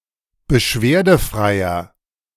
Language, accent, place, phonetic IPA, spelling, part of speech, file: German, Germany, Berlin, [bəˈʃveːɐ̯dəˌfʁaɪ̯ɐ], beschwerdefreier, adjective, De-beschwerdefreier.ogg
- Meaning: inflection of beschwerdefrei: 1. strong/mixed nominative masculine singular 2. strong genitive/dative feminine singular 3. strong genitive plural